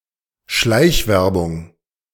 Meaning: surreptitious advertising
- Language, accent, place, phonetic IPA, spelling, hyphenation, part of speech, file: German, Germany, Berlin, [ˈʃlaɪ̯çˌvɛʁbʊŋ], Schleichwerbung, Schleich‧wer‧bung, noun, De-Schleichwerbung.ogg